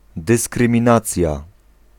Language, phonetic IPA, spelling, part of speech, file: Polish, [ˌdɨskrɨ̃mʲĩˈnat͡sʲja], dyskryminacja, noun, Pl-dyskryminacja.ogg